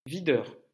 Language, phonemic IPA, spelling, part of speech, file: French, /vi.dœʁ/, videur, noun, LL-Q150 (fra)-videur.wav
- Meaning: bouncer